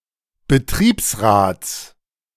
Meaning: genitive singular of Betriebsrat
- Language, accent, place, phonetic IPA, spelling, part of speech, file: German, Germany, Berlin, [bəˈtʁiːpsˌʁaːt͡s], Betriebsrats, noun, De-Betriebsrats.ogg